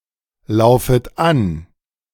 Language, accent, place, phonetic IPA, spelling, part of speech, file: German, Germany, Berlin, [ˌlaʊ̯fət ˈan], laufet an, verb, De-laufet an.ogg
- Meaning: second-person plural subjunctive I of anlaufen